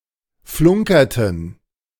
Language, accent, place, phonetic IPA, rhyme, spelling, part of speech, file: German, Germany, Berlin, [ˈflʊŋkɐtn̩], -ʊŋkɐtn̩, flunkerten, verb, De-flunkerten.ogg
- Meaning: inflection of flunkern: 1. first/third-person plural preterite 2. first/third-person plural subjunctive II